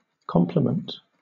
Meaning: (noun) 1. The totality, the full amount or number which completes something 2. The whole working force of a vessel 3. An angle which, together with a given angle, makes a right angle
- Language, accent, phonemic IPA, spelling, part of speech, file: English, Southern England, /ˈkɒmpləmənt/, complement, noun / verb, LL-Q1860 (eng)-complement.wav